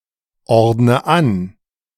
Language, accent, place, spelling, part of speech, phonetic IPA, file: German, Germany, Berlin, ordne an, verb, [ˌɔʁdnə ˈan], De-ordne an.ogg
- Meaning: inflection of anordnen: 1. first-person singular present 2. first/third-person singular subjunctive I 3. singular imperative